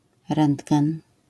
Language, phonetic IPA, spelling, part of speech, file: Polish, [ˈrɛ̃ndɡɛ̃n], rentgen, noun, LL-Q809 (pol)-rentgen.wav